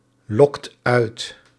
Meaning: inflection of uitlokken: 1. second/third-person singular present indicative 2. plural imperative
- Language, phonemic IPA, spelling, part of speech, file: Dutch, /ˈlɔkt ˈœyt/, lokt uit, verb, Nl-lokt uit.ogg